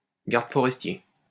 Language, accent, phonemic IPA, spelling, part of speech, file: French, France, /ɡaʁ.d(ə) fɔ.ʁɛs.tje/, garde forestier, noun, LL-Q150 (fra)-garde forestier.wav
- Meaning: forest ranger, park ranger, park warden